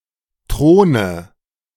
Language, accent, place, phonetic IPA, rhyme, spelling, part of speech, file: German, Germany, Berlin, [ˈtʁoːnə], -oːnə, Throne, noun, De-Throne.ogg
- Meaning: nominative/accusative/genitive plural of Thron